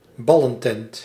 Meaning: 1. fairground stall with ball games 2. ostentatious, posh public venue 3. any ill regarded venue
- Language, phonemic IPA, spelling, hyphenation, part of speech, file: Dutch, /ˈbɑ.lə(n)ˌtɛnt/, ballentent, bal‧len‧tent, noun, Nl-ballentent.ogg